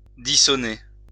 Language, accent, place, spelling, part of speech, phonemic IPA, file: French, France, Lyon, dissoner, verb, /di.sɔ.ne/, LL-Q150 (fra)-dissoner.wav
- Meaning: to make a discord, to jar, to be discordant